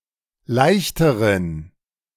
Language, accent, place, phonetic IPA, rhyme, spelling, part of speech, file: German, Germany, Berlin, [ˈlaɪ̯çtəʁən], -aɪ̯çtəʁən, leichteren, adjective, De-leichteren.ogg
- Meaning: inflection of leicht: 1. strong genitive masculine/neuter singular comparative degree 2. weak/mixed genitive/dative all-gender singular comparative degree